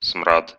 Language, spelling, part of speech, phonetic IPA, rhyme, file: Russian, смрад, noun, [smrat], -at, Ru-смрад.ogg
- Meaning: stench, stink